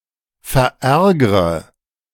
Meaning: inflection of verärgern: 1. first-person singular present 2. first/third-person singular subjunctive I 3. singular imperative
- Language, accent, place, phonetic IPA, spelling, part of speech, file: German, Germany, Berlin, [fɛɐ̯ˈʔɛʁɡʁə], verärgre, verb, De-verärgre.ogg